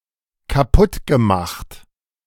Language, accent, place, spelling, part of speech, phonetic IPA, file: German, Germany, Berlin, kaputtgemacht, verb, [kaˈpʊtɡəˌmaxt], De-kaputtgemacht.ogg
- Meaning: past participle of kaputtmachen